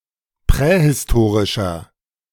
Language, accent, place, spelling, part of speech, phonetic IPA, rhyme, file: German, Germany, Berlin, prähistorischer, adjective, [ˌpʁɛhɪsˈtoːʁɪʃɐ], -oːʁɪʃɐ, De-prähistorischer.ogg
- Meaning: inflection of prähistorisch: 1. strong/mixed nominative masculine singular 2. strong genitive/dative feminine singular 3. strong genitive plural